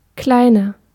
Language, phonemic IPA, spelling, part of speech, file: German, /ˈklaɪ̯nɐ/, kleiner, adjective, De-kleiner.ogg
- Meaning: 1. comparative degree of klein 2. inflection of klein: strong/mixed nominative masculine singular 3. inflection of klein: strong genitive/dative feminine singular